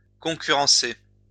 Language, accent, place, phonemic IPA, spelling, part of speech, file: French, France, Lyon, /kɔ̃.ky.ʁɑ̃.se/, concurrencer, verb, LL-Q150 (fra)-concurrencer.wav
- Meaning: to compete with, be in competition with